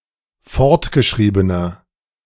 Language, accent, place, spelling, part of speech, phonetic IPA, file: German, Germany, Berlin, fortgeschriebener, adjective, [ˈfɔʁtɡəˌʃʁiːbənɐ], De-fortgeschriebener.ogg
- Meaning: inflection of fortgeschrieben: 1. strong/mixed nominative masculine singular 2. strong genitive/dative feminine singular 3. strong genitive plural